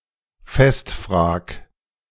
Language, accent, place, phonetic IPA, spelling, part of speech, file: German, Germany, Berlin, [ˈfɛstˌfr̺aːk], festfrag, verb, De-festfrag.ogg
- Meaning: 1. singular imperative of festfragen 2. first-person singular present of festfragen